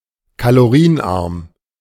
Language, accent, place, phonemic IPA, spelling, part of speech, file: German, Germany, Berlin, /kaloˈʁiːənˌʔaʁm/, kalorienarm, adjective, De-kalorienarm.ogg
- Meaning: low-calorie